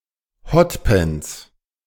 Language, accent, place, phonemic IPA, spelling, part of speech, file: German, Germany, Berlin, /ˈhɔtpɛnts/, Hotpants, noun, De-Hotpants.ogg
- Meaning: hot pants